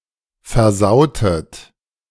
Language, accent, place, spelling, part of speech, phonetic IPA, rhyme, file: German, Germany, Berlin, versautet, verb, [fɛɐ̯ˈzaʊ̯tət], -aʊ̯tət, De-versautet.ogg
- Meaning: inflection of versauen: 1. second-person plural preterite 2. second-person plural subjunctive II